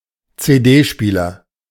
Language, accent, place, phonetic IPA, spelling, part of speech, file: German, Germany, Berlin, [t͡seːˈdeːˌʃpiːlɐ], CD-Spieler, noun, De-CD-Spieler.ogg
- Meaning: CD player